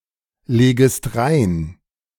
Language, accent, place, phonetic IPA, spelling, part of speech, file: German, Germany, Berlin, [ˌleːɡəst ˈʁaɪ̯n], legest rein, verb, De-legest rein.ogg
- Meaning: second-person singular subjunctive I of reinlegen